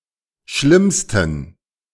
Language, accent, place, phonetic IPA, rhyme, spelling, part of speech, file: German, Germany, Berlin, [ˈʃlɪmstn̩], -ɪmstn̩, schlimmsten, adjective, De-schlimmsten.ogg
- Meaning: 1. superlative degree of schlimm 2. inflection of schlimm: strong genitive masculine/neuter singular superlative degree